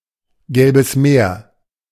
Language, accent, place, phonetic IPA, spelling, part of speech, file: German, Germany, Berlin, [ˌɡɛlbəs ˈmeːɐ̯], Gelbes Meer, proper noun, De-Gelbes Meer.ogg
- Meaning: an ocean between China and Korea; Yellow Sea